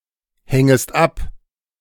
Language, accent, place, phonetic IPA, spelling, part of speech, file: German, Germany, Berlin, [ˌhɛŋəst ˈap], hängest ab, verb, De-hängest ab.ogg
- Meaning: second-person singular subjunctive I of abhängen